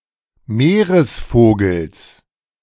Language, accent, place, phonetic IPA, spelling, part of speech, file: German, Germany, Berlin, [ˈmeːʁəsˌfoːɡl̩s], Meeresvogels, noun, De-Meeresvogels.ogg
- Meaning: genitive singular of Meeresvogel